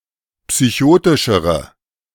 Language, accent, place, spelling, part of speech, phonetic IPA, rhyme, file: German, Germany, Berlin, psychotischere, adjective, [psyˈçoːtɪʃəʁə], -oːtɪʃəʁə, De-psychotischere.ogg
- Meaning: inflection of psychotisch: 1. strong/mixed nominative/accusative feminine singular comparative degree 2. strong nominative/accusative plural comparative degree